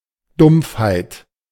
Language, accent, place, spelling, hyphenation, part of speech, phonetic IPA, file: German, Germany, Berlin, Dumpfheit, Dumpf‧heit, noun, [ˈdʊmpfhaɪ̯t], De-Dumpfheit.ogg
- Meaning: dullness